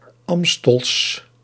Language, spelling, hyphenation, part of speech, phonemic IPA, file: Dutch, Amstels, Am‧stels, adjective, /ˈɑm.stəls/, Nl-Amstels.ogg
- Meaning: 1. on or otherwise relating to the river Amstel 2. relating to Amsterdam, the major Dutch port city on it, named after it and poetically referred to as Amstel